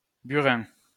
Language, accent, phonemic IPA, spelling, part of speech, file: French, France, /by.ʁɛ̃/, Burin, proper noun, LL-Q150 (fra)-Burin.wav
- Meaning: the constellation Caelum